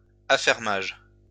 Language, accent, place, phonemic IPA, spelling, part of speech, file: French, France, Lyon, /a.fɛʁ.maʒ/, affermage, noun, LL-Q150 (fra)-affermage.wav
- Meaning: 1. tenant farming 2. rent paid by a tenant farmer 3. leasing of advertising space